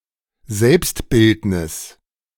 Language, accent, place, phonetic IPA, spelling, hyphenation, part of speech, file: German, Germany, Berlin, [ˈzɛlpstˌbɪltnɪs], Selbstbildnis, Selbst‧bild‧nis, noun, De-Selbstbildnis.ogg
- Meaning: self-portrait